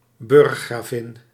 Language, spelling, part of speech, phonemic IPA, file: Dutch, burggravin, noun, /ˈbʏrᵊxraˌvɪn/, Nl-burggravin.ogg
- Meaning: viscountess, a peerage rank, below gravin (countess)